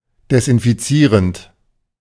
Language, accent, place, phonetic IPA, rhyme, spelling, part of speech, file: German, Germany, Berlin, [dɛsʔɪnfiˈt͡siːʁənt], -iːʁənt, desinfizierend, verb, De-desinfizierend.ogg
- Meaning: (verb) present participle of desinfizieren; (adjective) disinfectant, disinfecting